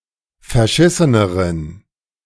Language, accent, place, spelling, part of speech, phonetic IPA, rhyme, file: German, Germany, Berlin, verschisseneren, adjective, [fɛɐ̯ˈʃɪsənəʁən], -ɪsənəʁən, De-verschisseneren.ogg
- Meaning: inflection of verschissen: 1. strong genitive masculine/neuter singular comparative degree 2. weak/mixed genitive/dative all-gender singular comparative degree